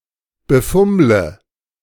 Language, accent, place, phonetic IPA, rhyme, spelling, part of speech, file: German, Germany, Berlin, [bəˈfʊmlə], -ʊmlə, befummle, verb, De-befummle.ogg
- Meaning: inflection of befummeln: 1. first-person singular present 2. first/third-person singular subjunctive I 3. singular imperative